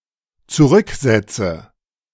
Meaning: inflection of zurücksetzen: 1. first-person singular dependent present 2. first/third-person singular dependent subjunctive I
- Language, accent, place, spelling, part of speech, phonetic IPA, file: German, Germany, Berlin, zurücksetze, verb, [t͡suˈʁʏkˌzɛt͡sə], De-zurücksetze.ogg